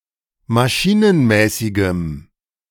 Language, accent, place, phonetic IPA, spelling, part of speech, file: German, Germany, Berlin, [maˈʃiːnənˌmɛːsɪɡəm], maschinenmäßigem, adjective, De-maschinenmäßigem.ogg
- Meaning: strong dative masculine/neuter singular of maschinenmäßig